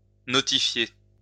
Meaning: to notify
- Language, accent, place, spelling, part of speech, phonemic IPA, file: French, France, Lyon, notifier, verb, /nɔ.ti.fje/, LL-Q150 (fra)-notifier.wav